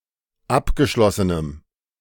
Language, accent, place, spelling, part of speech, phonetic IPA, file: German, Germany, Berlin, abgeschlossenem, adjective, [ˈapɡəˌʃlɔsənəm], De-abgeschlossenem.ogg
- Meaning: strong dative masculine/neuter singular of abgeschlossen